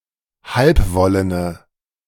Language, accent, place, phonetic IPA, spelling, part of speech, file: German, Germany, Berlin, [ˈhalpˌvɔlənə], halbwollene, adjective, De-halbwollene.ogg
- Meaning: inflection of halbwollen: 1. strong/mixed nominative/accusative feminine singular 2. strong nominative/accusative plural 3. weak nominative all-gender singular